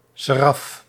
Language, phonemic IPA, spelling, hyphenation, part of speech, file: Dutch, /ˈseː.rɑf/, seraf, se‧raf, noun, Nl-seraf.ogg
- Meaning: seraph: 1. uraeus-like angel 2. humanoid angel of the highest rank